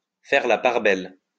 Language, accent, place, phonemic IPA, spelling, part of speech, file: French, France, Lyon, /fɛʁ la paʁ bɛl/, faire la part belle, verb, LL-Q150 (fra)-faire la part belle.wav
- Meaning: to give top billing, to feature prominently